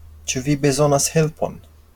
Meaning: do you need help?
- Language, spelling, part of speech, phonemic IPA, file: Esperanto, ĉu vi bezonas helpon, phrase, /t͡ʃu vi beˈzonas ˈhelpon/, LL-Q143 (epo)-ĉu vi bezonas helpon.wav